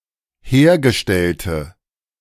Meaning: inflection of hergestellt: 1. strong/mixed nominative/accusative feminine singular 2. strong nominative/accusative plural 3. weak nominative all-gender singular
- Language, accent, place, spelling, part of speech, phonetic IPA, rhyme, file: German, Germany, Berlin, hergestellte, adjective, [ˈheːɐ̯ɡəˌʃtɛltə], -eːɐ̯ɡəʃtɛltə, De-hergestellte.ogg